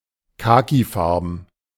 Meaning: alternative form of kakifarben
- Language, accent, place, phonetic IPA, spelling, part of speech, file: German, Germany, Berlin, [ˈkaːkiˌfaʁbn̩], khakifarben, adjective, De-khakifarben.ogg